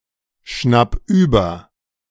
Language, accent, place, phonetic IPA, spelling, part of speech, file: German, Germany, Berlin, [ˌʃnap ˈyːbɐ], schnapp über, verb, De-schnapp über.ogg
- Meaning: 1. singular imperative of überschnappen 2. first-person singular present of überschnappen